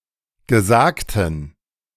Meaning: inflection of gesagt: 1. strong genitive masculine/neuter singular 2. weak/mixed genitive/dative all-gender singular 3. strong/weak/mixed accusative masculine singular 4. strong dative plural
- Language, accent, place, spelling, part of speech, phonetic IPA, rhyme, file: German, Germany, Berlin, gesagten, adjective, [ɡəˈzaːktn̩], -aːktn̩, De-gesagten.ogg